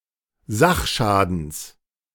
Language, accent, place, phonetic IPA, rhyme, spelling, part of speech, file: German, Germany, Berlin, [ˈzaxˌʃaːdn̩s], -axʃaːdn̩s, Sachschadens, noun, De-Sachschadens.ogg
- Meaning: genitive singular of Sachschaden